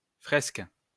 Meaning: fresco
- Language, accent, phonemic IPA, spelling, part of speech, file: French, France, /fʁɛsk/, fresque, noun, LL-Q150 (fra)-fresque.wav